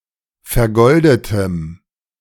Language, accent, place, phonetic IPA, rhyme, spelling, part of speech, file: German, Germany, Berlin, [fɛɐ̯ˈɡɔldətəm], -ɔldətəm, vergoldetem, adjective, De-vergoldetem.ogg
- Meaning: strong dative masculine/neuter singular of vergoldet